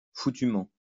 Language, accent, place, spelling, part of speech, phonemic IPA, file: French, France, Lyon, foutument, adverb, /fu.ty.mɑ̃/, LL-Q150 (fra)-foutument.wav
- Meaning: 1. damnedly 2. very